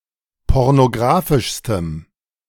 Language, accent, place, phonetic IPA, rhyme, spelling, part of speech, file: German, Germany, Berlin, [ˌpɔʁnoˈɡʁaːfɪʃstəm], -aːfɪʃstəm, pornographischstem, adjective, De-pornographischstem.ogg
- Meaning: strong dative masculine/neuter singular superlative degree of pornographisch